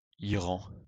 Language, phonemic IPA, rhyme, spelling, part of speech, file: French, /i.ʁɑ̃/, -ɑ̃, Iran, proper noun, LL-Q150 (fra)-Iran.wav
- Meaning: Iran (a country in West Asia; official name: République islamique d'Iran)